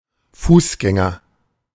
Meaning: pedestrian, walker (male or of unspecified gender)
- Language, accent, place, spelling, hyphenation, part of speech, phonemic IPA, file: German, Germany, Berlin, Fußgänger, Fuß‧gän‧ger, noun, /ˈfuːsˌɡɛŋɐ/, De-Fußgänger.ogg